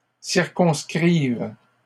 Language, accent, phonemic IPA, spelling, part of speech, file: French, Canada, /siʁ.kɔ̃s.kʁiv/, circonscrives, verb, LL-Q150 (fra)-circonscrives.wav
- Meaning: second-person singular present subjunctive of circonscrire